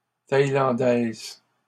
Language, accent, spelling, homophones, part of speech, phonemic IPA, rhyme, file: French, Canada, thaïlandaise, thaïlandaises, adjective, /taj.lɑ̃.dɛz/, -ɛz, LL-Q150 (fra)-thaïlandaise.wav
- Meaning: feminine singular of thaïlandais